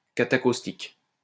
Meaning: catacaustic
- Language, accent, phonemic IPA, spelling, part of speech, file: French, France, /ka.ta.kos.tik/, catacaustique, noun, LL-Q150 (fra)-catacaustique.wav